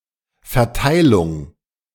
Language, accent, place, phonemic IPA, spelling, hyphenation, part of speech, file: German, Germany, Berlin, /fɛɐ̯ˈtaɪ̯lʊŋ/, Verteilung, Ver‧tei‧lung, noun, De-Verteilung.ogg
- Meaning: distribution